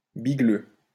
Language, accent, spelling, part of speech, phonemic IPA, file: French, France, bigleux, adjective, /bi.ɡlø/, LL-Q150 (fra)-bigleux.wav
- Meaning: cross-eyed, squinting, short-sighted (etc.)